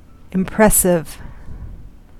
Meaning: 1. Making, or tending to make, a positive impression; having power to impress 2. Capable of being impressed 3. Appealing
- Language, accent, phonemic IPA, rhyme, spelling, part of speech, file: English, US, /ɪmˈpɹɛsɪv/, -ɛsɪv, impressive, adjective, En-us-impressive.ogg